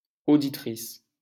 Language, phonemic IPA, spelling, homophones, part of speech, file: French, /o.di.tʁis/, auditrice, auditrices, noun, LL-Q150 (fra)-auditrice.wav
- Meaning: female equivalent of auditeur